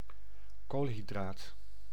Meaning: carbohydrate (organic compounds group including sugar, starch or cellulose)
- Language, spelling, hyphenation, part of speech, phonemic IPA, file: Dutch, koolhydraat, kool‧hy‧draat, noun, /ˈkoːl.ɦi.draːt/, Nl-koolhydraat.ogg